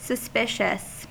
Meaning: 1. Arousing suspicion 2. Distrustful or tending to suspect 3. Expressing suspicion
- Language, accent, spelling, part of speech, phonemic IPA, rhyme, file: English, US, suspicious, adjective, /səˈspɪʃ.əs/, -ɪʃəs, En-us-suspicious.ogg